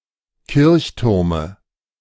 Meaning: dative singular of Kirchturm
- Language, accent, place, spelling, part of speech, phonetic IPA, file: German, Germany, Berlin, Kirchturme, noun, [ˈkɪʁçˌtʊʁmə], De-Kirchturme.ogg